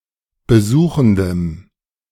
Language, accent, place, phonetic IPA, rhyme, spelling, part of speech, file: German, Germany, Berlin, [bəˈzuːxn̩dəm], -uːxn̩dəm, besuchendem, adjective, De-besuchendem.ogg
- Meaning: strong dative masculine/neuter singular of besuchend